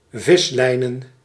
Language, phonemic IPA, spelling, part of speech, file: Dutch, /ˈvɪslɛinə(n)/, vislijnen, noun, Nl-vislijnen.ogg
- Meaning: plural of vislijn